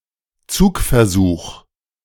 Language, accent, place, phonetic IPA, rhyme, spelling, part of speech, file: German, Germany, Berlin, [ˈt͡suːkfɛɐ̯ˌzuːx], -uːkfɛɐ̯zuːx, Zugversuch, noun, De-Zugversuch.ogg
- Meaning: tensile strength test